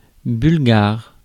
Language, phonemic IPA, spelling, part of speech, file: French, /byl.ɡaʁ/, bulgare, noun / adjective, Fr-bulgare.ogg
- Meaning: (noun) Bulgarian, the Bulgarian language; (adjective) of Bulgaria; Bulgarian